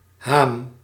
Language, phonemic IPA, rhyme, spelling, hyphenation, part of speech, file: Dutch, /ɦaːm/, -aːm, haam, haam, noun, Nl-haam.ogg
- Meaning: 1. horsecollar, collar for draught animals; made of wood or leather 2. a type of fishing net with a handle